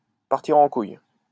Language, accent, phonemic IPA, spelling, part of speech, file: French, France, /paʁ.ti.ʁ‿ɑ̃ kuj/, partir en couille, verb, LL-Q150 (fra)-partir en couille.wav
- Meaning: to go awry, to hit the fan, to go to shit